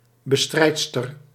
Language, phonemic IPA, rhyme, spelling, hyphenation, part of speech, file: Dutch, /bəˈstrɛi̯t.stər/, -ɛi̯tstər, bestrijdster, be‧strijd‧ster, noun, Nl-bestrijdster.ogg
- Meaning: female opposer, woman who fights something